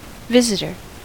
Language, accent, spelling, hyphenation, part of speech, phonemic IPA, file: English, US, visitor, vis‧it‧or, noun, /ˈvɪzɪtɚ/, En-us-visitor.ogg
- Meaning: 1. Someone who visits someone else; someone staying as a guest 2. Someone who pays a visit to a specific place or event; a sightseer or tourist 3. Someone, or a team, that is playing away from home